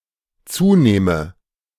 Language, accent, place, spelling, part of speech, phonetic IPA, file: German, Germany, Berlin, zunehme, verb, [ˈt͡suːˌneːmə], De-zunehme.ogg
- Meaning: inflection of zunehmen: 1. first-person singular dependent present 2. first/third-person singular dependent subjunctive I